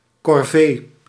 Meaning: 1. household chores, especially at a camp or barracks 2. corvee labour
- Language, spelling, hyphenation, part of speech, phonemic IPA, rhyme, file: Dutch, corvee, cor‧vee, noun, /kɔrˈveː/, -eː, Nl-corvee.ogg